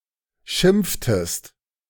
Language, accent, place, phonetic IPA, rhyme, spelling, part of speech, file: German, Germany, Berlin, [ˈʃɪmp͡ftəst], -ɪmp͡ftəst, schimpftest, verb, De-schimpftest.ogg
- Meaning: inflection of schimpfen: 1. second-person singular preterite 2. second-person singular subjunctive II